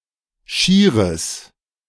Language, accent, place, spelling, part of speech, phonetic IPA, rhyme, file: German, Germany, Berlin, schieres, adjective, [ˈʃiːʁəs], -iːʁəs, De-schieres.ogg
- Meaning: strong/mixed nominative/accusative neuter singular of schier